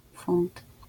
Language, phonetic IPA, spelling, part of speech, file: Polish, [fũnt], funt, noun, LL-Q809 (pol)-funt.wav